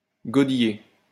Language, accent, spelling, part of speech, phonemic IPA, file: French, France, godiller, verb, /ɡɔ.di.je/, LL-Q150 (fra)-godiller.wav
- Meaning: 1. to scull 2. to wedeln